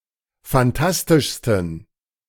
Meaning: 1. superlative degree of fantastisch 2. inflection of fantastisch: strong genitive masculine/neuter singular superlative degree
- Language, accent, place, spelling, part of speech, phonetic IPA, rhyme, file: German, Germany, Berlin, fantastischsten, adjective, [fanˈtastɪʃstn̩], -astɪʃstn̩, De-fantastischsten.ogg